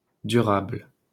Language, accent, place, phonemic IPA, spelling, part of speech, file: French, France, Paris, /dy.ʁabl/, durable, adjective, LL-Q150 (fra)-durable.wav
- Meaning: 1. durable 2. sustainable